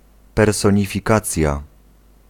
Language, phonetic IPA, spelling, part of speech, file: Polish, [ˌpɛrsɔ̃ɲifʲiˈkat͡sʲja], personifikacja, noun, Pl-personifikacja.ogg